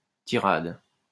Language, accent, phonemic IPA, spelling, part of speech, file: French, France, /ti.ʁad/, tirade, noun, LL-Q150 (fra)-tirade.wav
- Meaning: tirade